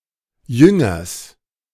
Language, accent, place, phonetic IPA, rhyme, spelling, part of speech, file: German, Germany, Berlin, [ˈjʏŋɐs], -ʏŋɐs, Jüngers, noun, De-Jüngers.ogg
- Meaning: genitive singular of Jünger